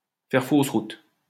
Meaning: to be on the wrong track, to bark up the wrong tree
- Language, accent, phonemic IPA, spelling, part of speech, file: French, France, /fɛʁ fos ʁut/, faire fausse route, verb, LL-Q150 (fra)-faire fausse route.wav